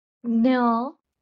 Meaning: In Marathi an irregular ligature of ज (ja) and ञ (ña)
- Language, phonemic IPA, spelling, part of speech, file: Marathi, /dɲə/, ज्ञ, character, LL-Q1571 (mar)-ज्ञ.wav